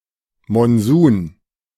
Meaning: monsoon
- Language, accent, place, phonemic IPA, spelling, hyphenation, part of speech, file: German, Germany, Berlin, /mɔnˈzuːn/, Monsun, Mon‧sun, noun, De-Monsun.ogg